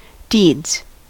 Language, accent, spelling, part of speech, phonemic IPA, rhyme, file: English, US, deeds, noun / verb, /diːdz/, -iːdz, En-us-deeds.ogg
- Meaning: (noun) plural of deed; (verb) third-person singular simple present indicative of deed